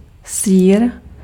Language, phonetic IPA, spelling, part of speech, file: Czech, [ˈsiːr], sýr, noun, Cs-sýr.ogg
- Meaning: cheese (dairy product)